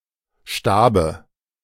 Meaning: dative singular of Stab
- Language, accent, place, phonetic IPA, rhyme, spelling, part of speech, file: German, Germany, Berlin, [ˈʃtaːbə], -aːbə, Stabe, proper noun / noun, De-Stabe.ogg